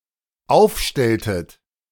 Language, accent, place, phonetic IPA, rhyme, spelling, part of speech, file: German, Germany, Berlin, [ˈaʊ̯fˌʃtɛltət], -aʊ̯fʃtɛltət, aufstelltet, verb, De-aufstelltet.ogg
- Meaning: inflection of aufstellen: 1. second-person plural dependent preterite 2. second-person plural dependent subjunctive II